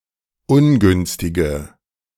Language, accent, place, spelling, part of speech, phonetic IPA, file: German, Germany, Berlin, ungünstige, adjective, [ˈʊnˌɡʏnstɪɡə], De-ungünstige.ogg
- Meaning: inflection of ungünstig: 1. strong/mixed nominative/accusative feminine singular 2. strong nominative/accusative plural 3. weak nominative all-gender singular